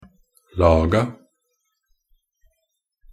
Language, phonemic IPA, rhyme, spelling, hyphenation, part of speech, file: Norwegian Bokmål, /¹lɑːɡɑ/, -ɑːɡɑ, laga, la‧ga, verb / noun, Nb-laga.ogg
- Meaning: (verb) simple past and past participle of lage; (noun) definite plural of lag